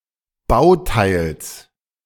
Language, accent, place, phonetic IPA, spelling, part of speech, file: German, Germany, Berlin, [ˈbaʊ̯ˌtaɪ̯ls], Bauteils, noun, De-Bauteils.ogg
- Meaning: genitive singular of Bauteil